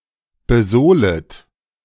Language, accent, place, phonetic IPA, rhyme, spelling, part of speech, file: German, Germany, Berlin, [bəˈzoːlət], -oːlət, besohlet, verb, De-besohlet.ogg
- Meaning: second-person plural subjunctive I of besohlen